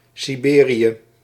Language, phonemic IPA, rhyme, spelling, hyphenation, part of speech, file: Dutch, /ˌsiˈbeː.ri.ə/, -eːriə, Siberië, Si‧be‧rië, proper noun, Nl-Siberië.ogg
- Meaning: 1. Siberia (the region of Russia in Asia) 2. a hamlet in Hoogeveen, Drenthe, Netherlands 3. a hamlet in Land van Cuijk, North Brabant, Netherlands